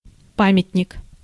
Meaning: monument, memorial, tombstone, statue
- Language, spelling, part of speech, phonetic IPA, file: Russian, памятник, noun, [ˈpamʲɪtʲnʲɪk], Ru-памятник.ogg